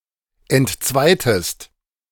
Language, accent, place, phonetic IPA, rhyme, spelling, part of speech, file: German, Germany, Berlin, [ɛntˈt͡svaɪ̯təst], -aɪ̯təst, entzweitest, verb, De-entzweitest.ogg
- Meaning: inflection of entzweien: 1. second-person singular preterite 2. second-person singular subjunctive II